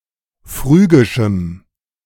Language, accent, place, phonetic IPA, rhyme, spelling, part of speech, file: German, Germany, Berlin, [ˈfʁyːɡɪʃm̩], -yːɡɪʃm̩, phrygischem, adjective, De-phrygischem.ogg
- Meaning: strong dative masculine/neuter singular of phrygisch